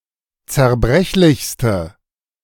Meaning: inflection of zerbrechlich: 1. strong/mixed nominative/accusative feminine singular superlative degree 2. strong nominative/accusative plural superlative degree
- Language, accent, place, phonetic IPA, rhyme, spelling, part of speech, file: German, Germany, Berlin, [t͡sɛɐ̯ˈbʁɛçlɪçstə], -ɛçlɪçstə, zerbrechlichste, adjective, De-zerbrechlichste.ogg